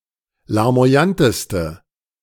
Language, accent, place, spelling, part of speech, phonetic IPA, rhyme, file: German, Germany, Berlin, larmoyanteste, adjective, [laʁmo̯aˈjantəstə], -antəstə, De-larmoyanteste.ogg
- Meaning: inflection of larmoyant: 1. strong/mixed nominative/accusative feminine singular superlative degree 2. strong nominative/accusative plural superlative degree